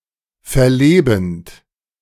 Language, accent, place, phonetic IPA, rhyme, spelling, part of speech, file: German, Germany, Berlin, [fɛɐ̯ˈleːbn̩t], -eːbn̩t, verlebend, verb, De-verlebend.ogg
- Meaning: present participle of verleben